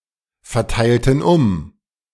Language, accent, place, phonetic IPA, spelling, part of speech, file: German, Germany, Berlin, [fɛɐ̯ˌtaɪ̯ltn̩ ˈʊm], verteilten um, verb, De-verteilten um.ogg
- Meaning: inflection of umverteilen: 1. first/third-person plural preterite 2. first/third-person plural subjunctive II